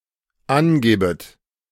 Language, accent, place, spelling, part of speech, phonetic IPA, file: German, Germany, Berlin, angebet, verb, [ˈanˌɡeːbət], De-angebet.ogg
- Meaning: second-person plural dependent subjunctive I of angeben